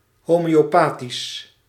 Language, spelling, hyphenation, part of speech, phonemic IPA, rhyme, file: Dutch, homeopathisch, ho‧meo‧pa‧thisch, adjective, /ˌɦoː.meː.oːˈpaː.tis/, -aːtis, Nl-homeopathisch.ogg
- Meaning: homeopathic